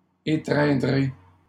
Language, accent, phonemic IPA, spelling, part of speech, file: French, Canada, /e.tʁɛ̃.dʁe/, étreindrez, verb, LL-Q150 (fra)-étreindrez.wav
- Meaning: second-person plural future of étreindre